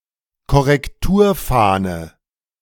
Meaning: proof, galley proof
- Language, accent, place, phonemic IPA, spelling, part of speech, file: German, Germany, Berlin, /kɔʁɛkˈtuːɐ̯ˌfaːnə/, Korrekturfahne, noun, De-Korrekturfahne.ogg